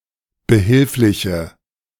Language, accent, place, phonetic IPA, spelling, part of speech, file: German, Germany, Berlin, [bəˈhɪlflɪçə], behilfliche, adjective, De-behilfliche.ogg
- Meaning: inflection of behilflich: 1. strong/mixed nominative/accusative feminine singular 2. strong nominative/accusative plural 3. weak nominative all-gender singular